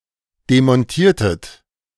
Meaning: inflection of demontieren: 1. second-person plural preterite 2. second-person plural subjunctive II
- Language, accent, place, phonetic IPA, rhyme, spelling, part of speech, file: German, Germany, Berlin, [demɔnˈtiːɐ̯tət], -iːɐ̯tət, demontiertet, verb, De-demontiertet.ogg